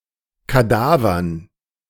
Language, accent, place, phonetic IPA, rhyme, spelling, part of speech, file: German, Germany, Berlin, [kaˈdaːvɐn], -aːvɐn, Kadavern, noun, De-Kadavern.ogg
- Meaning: dative plural of Kadaver